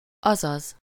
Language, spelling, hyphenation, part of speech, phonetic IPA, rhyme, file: Hungarian, azaz, az‧az, conjunction, [ˈɒzɒz], -ɒz, Hu-azaz.ogg
- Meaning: that is, i.e. (in other words; used as a confirmation or interpretation of a statement to express agreement or identity)